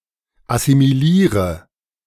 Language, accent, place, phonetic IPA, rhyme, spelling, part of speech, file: German, Germany, Berlin, [asimiˈliːʁə], -iːʁə, assimiliere, verb, De-assimiliere.ogg
- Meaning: inflection of assimilieren: 1. first-person singular present 2. first/third-person singular subjunctive I 3. singular imperative